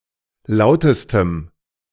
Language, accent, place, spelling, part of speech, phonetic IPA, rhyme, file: German, Germany, Berlin, lautestem, adjective, [ˈlaʊ̯təstəm], -aʊ̯təstəm, De-lautestem.ogg
- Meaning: strong dative masculine/neuter singular superlative degree of laut